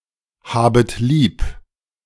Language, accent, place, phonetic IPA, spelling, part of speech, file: German, Germany, Berlin, [ˌhaːbət ˈliːp], habet lieb, verb, De-habet lieb.ogg
- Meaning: second-person plural subjunctive I of lieb haben